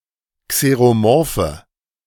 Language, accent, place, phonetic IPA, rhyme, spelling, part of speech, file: German, Germany, Berlin, [kseʁoˈmɔʁfə], -ɔʁfə, xeromorphe, adjective, De-xeromorphe.ogg
- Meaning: inflection of xeromorph: 1. strong/mixed nominative/accusative feminine singular 2. strong nominative/accusative plural 3. weak nominative all-gender singular